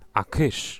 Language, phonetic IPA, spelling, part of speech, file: Polish, [a‿ˈkɨʃ], a kysz, interjection, Pl-a kysz.ogg